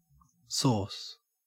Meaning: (noun) 1. A liquid (often thickened) condiment or accompaniment to food 2. Tomato sauce (similar to US tomato ketchup), as in 3. Alcohol, booze 4. Vitality; capability or talent 5. Anabolic steroids
- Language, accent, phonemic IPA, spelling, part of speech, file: English, Australia, /soːs/, sauce, noun / verb, En-au-sauce.ogg